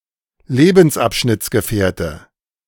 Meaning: current partner
- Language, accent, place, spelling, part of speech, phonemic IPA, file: German, Germany, Berlin, Lebensabschnittsgefährte, noun, /ˈleːbn̩sˌʔapʃnɪt͡sɡəˌfɛːɐ̯tə/, De-Lebensabschnittsgefährte.ogg